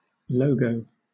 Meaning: 1. A visual symbol or emblem that acts as a trademark or a means of identification of a company or organization 2. An audio recording for the same purpose; a jingle
- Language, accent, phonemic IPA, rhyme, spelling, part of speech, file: English, Southern England, /ˈləʊ.ɡəʊ/, -əʊɡəʊ, logo, noun, LL-Q1860 (eng)-logo.wav